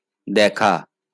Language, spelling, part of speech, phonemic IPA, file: Bengali, দেখা, verb, /ˈd̪ɛkʰa/, LL-Q9610 (ben)-দেখা.wav
- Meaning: to see